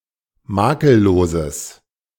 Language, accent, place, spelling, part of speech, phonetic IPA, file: German, Germany, Berlin, makelloses, adjective, [ˈmaːkəlˌloːzəs], De-makelloses.ogg
- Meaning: strong/mixed nominative/accusative neuter singular of makellos